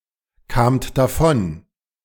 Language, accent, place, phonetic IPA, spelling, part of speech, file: German, Germany, Berlin, [ˌkaːmt daˈfɔn], kamt davon, verb, De-kamt davon.ogg
- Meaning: second-person plural preterite of davonkommen